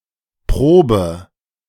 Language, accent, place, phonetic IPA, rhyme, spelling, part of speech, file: German, Germany, Berlin, [ˈpʁoːbə], -oːbə, probe, verb, De-probe.ogg
- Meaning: inflection of proben: 1. first-person singular present 2. first/third-person singular subjunctive I 3. singular imperative